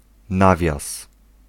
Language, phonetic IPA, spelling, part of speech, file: Polish, [ˈnavʲjas], nawias, noun, Pl-nawias.ogg